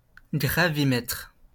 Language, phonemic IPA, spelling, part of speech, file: French, /ɡʁa.vi.mɛtʁ/, gravimètre, noun, LL-Q150 (fra)-gravimètre.wav
- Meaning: gravimeter